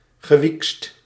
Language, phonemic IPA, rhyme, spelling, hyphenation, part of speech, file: Dutch, /ɣəˈʋikst/, -ikst, gewiekst, ge‧wiekst, adjective, Nl-gewiekst.ogg
- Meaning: smart, sly, cunning, clever